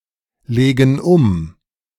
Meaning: inflection of umlegen: 1. first/third-person plural present 2. first/third-person plural subjunctive I
- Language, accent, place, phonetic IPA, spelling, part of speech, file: German, Germany, Berlin, [ˌleːɡn̩ ˈʊm], legen um, verb, De-legen um.ogg